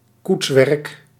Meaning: body, bodywork of a vehicle
- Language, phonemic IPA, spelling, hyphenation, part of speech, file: Dutch, /ˈkutswɛrᵊk/, koetswerk, koets‧werk, noun, Nl-koetswerk.ogg